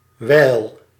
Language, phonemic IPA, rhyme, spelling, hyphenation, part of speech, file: Dutch, /ˈʋɛi̯l/, -ɛi̯l, wijl, wijl, noun / conjunction, Nl-wijl.ogg
- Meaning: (noun) a short period; a while; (conjunction) 1. when 2. while (time aspect) 3. while (contradiction) 4. because; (noun) 1. veil for women 2. something that veils